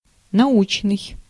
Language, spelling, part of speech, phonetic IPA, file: Russian, научный, adjective, [nɐˈut͡ɕnɨj], Ru-научный.ogg
- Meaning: scientific